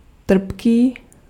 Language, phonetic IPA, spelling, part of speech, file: Czech, [ˈtr̩pkiː], trpký, adjective, Cs-trpký.ogg
- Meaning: acerb (bitter)